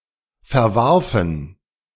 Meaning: first/third-person plural preterite of verwerfen
- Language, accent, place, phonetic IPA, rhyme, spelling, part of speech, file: German, Germany, Berlin, [fɛɐ̯ˈvaʁfn̩], -aʁfn̩, verwarfen, verb, De-verwarfen.ogg